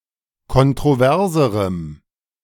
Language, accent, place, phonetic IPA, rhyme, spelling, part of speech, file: German, Germany, Berlin, [kɔntʁoˈvɛʁzəʁəm], -ɛʁzəʁəm, kontroverserem, adjective, De-kontroverserem.ogg
- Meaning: strong dative masculine/neuter singular comparative degree of kontrovers